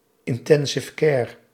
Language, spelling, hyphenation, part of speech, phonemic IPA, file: Dutch, intensive care, in‧ten‧sive care, noun, /ɪnˌtɛn.zɪf ˈkɛːr/, Nl-intensive care.ogg
- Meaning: 1. intensive care 2. intensive care unit, ICU